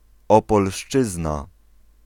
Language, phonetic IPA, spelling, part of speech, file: Polish, [ˌɔpɔlˈʃt͡ʃɨzna], Opolszczyzna, noun, Pl-Opolszczyzna.ogg